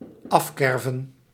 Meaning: 1. to cut off 2. to void, to forgive
- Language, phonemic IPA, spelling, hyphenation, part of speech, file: Dutch, /ˈɑfˌkɛr.və(n)/, afkerven, af‧ker‧ven, verb, Nl-afkerven.ogg